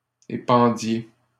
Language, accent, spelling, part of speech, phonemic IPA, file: French, Canada, épandiez, verb, /e.pɑ̃.dje/, LL-Q150 (fra)-épandiez.wav
- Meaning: inflection of épandre: 1. second-person plural imperfect indicative 2. second-person plural present subjunctive